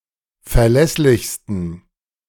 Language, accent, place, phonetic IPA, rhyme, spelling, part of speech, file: German, Germany, Berlin, [fɛɐ̯ˈlɛslɪçstn̩], -ɛslɪçstn̩, verlässlichsten, adjective, De-verlässlichsten.ogg
- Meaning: 1. superlative degree of verlässlich 2. inflection of verlässlich: strong genitive masculine/neuter singular superlative degree